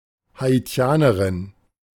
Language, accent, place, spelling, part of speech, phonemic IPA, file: German, Germany, Berlin, Haitianerin, noun, /haiˈti̯aːnəʁɪn/, De-Haitianerin.ogg
- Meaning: Haitian (woman from Haiti)